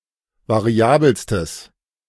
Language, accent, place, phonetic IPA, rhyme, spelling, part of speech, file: German, Germany, Berlin, [vaˈʁi̯aːbl̩stəs], -aːbl̩stəs, variabelstes, adjective, De-variabelstes.ogg
- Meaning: strong/mixed nominative/accusative neuter singular superlative degree of variabel